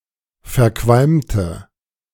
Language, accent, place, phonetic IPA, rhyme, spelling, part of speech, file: German, Germany, Berlin, [fɛɐ̯ˈkvalmtə], -almtə, verqualmte, adjective, De-verqualmte.ogg
- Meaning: inflection of verqualmt: 1. strong/mixed nominative/accusative feminine singular 2. strong nominative/accusative plural 3. weak nominative all-gender singular